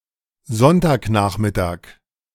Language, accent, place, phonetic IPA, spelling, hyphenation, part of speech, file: German, Germany, Berlin, [ˈzɔntaːkˌnaːχmɪtaːk], Sonntagnachmittag, Sonn‧tag‧nach‧mit‧tag, noun, De-Sonntagnachmittag.ogg
- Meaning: Sunday afternoon